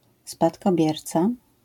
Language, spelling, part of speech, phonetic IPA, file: Polish, spadkobierca, noun, [ˌspatkɔˈbʲjɛrt͡sa], LL-Q809 (pol)-spadkobierca.wav